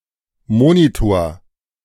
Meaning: monitor (display)
- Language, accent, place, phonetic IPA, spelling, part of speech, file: German, Germany, Berlin, [ˈmoːnitoːɐ̯], Monitor, noun, De-Monitor.ogg